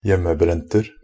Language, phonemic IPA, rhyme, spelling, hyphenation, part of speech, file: Norwegian Bokmål, /ˈjɛmːəˌbrɛntər/, -ər, hjemmebrenter, hjem‧me‧brent‧er, noun, Nb-hjemmebrenter.ogg
- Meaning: indefinite plural of hjemmebrent